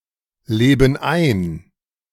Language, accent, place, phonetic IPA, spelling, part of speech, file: German, Germany, Berlin, [ˌleːbn̩ ˈaɪ̯n], leben ein, verb, De-leben ein.ogg
- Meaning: inflection of einleben: 1. first/third-person plural present 2. first/third-person plural subjunctive I